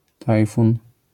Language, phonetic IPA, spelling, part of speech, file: Polish, [ˈtajfũn], tajfun, noun, LL-Q809 (pol)-tajfun.wav